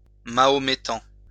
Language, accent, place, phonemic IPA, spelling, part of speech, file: French, France, Lyon, /ma.ɔ.me.tɑ̃/, mahométan, noun / adjective, LL-Q150 (fra)-mahométan.wav
- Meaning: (noun) "Mohammedan": Muslim